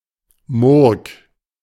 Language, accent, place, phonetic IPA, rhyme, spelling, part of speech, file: German, Germany, Berlin, [mʊʁk], -ʊʁk, Murg, proper noun, De-Murg.ogg
- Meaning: 1. a municipality of Baden-Württemberg, Germany 2. a right tributary of the Rhine in the Freudenstadt and Rastatt districts, Baden-Württemberg, Germany